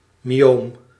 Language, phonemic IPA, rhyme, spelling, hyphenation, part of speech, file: Dutch, /miˈoːm/, -oːm, myoom, my‧oom, noun, Nl-myoom.ogg
- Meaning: a myoma